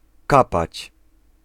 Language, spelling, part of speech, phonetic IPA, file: Polish, kapać, verb, [ˈkapat͡ɕ], Pl-kapać.ogg